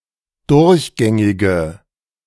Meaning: inflection of durchgängig: 1. strong/mixed nominative/accusative feminine singular 2. strong nominative/accusative plural 3. weak nominative all-gender singular
- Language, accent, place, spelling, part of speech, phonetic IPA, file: German, Germany, Berlin, durchgängige, adjective, [ˈdʊʁçˌɡɛŋɪɡə], De-durchgängige.ogg